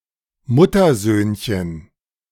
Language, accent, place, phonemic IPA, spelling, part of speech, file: German, Germany, Berlin, /ˈmʊtɐˌzøːnçən/, Muttersöhnchen, noun, De-Muttersöhnchen.ogg
- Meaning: momma's boy